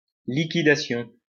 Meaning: 1. sale, liquidation (sale of goods at reduced prices) 2. liquidation
- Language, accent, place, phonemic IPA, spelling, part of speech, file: French, France, Lyon, /li.ki.da.sjɔ̃/, liquidation, noun, LL-Q150 (fra)-liquidation.wav